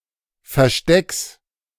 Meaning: genitive singular of Versteck
- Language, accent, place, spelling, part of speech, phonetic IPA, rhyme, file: German, Germany, Berlin, Verstecks, noun, [fɛɐ̯ˈʃtɛks], -ɛks, De-Verstecks.ogg